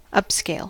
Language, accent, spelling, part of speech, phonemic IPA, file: English, US, upscale, adjective / verb, /ˈʌpskeɪl/, En-us-upscale.ogg
- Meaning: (adjective) Expensive and designed to appeal to affluent consumers; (verb) To increase in size, to scale up